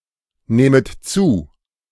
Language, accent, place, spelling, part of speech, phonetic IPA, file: German, Germany, Berlin, nähmet zu, verb, [ˌnɛːmət ˈt͡suː], De-nähmet zu.ogg
- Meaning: second-person plural subjunctive II of zunehmen